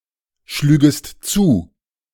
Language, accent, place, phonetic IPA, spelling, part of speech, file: German, Germany, Berlin, [ˌʃlyːɡəst ˈt͡suː], schlügest zu, verb, De-schlügest zu.ogg
- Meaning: second-person singular subjunctive II of zuschlagen